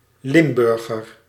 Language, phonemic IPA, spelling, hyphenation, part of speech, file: Dutch, /ˈlɪmˌbʏr.ɣər/, Limburger, Lim‧bur‧ger, noun / adjective, Nl-Limburger.ogg
- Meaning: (noun) a person from Limburg, a Limburger; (adjective) of, from or relating to Limburg